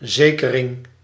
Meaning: fuse (device preventing overloading of a circuit)
- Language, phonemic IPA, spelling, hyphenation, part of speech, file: Dutch, /ˈzeːkərɪŋ/, zekering, ze‧ke‧ring, noun, Nl-zekering.ogg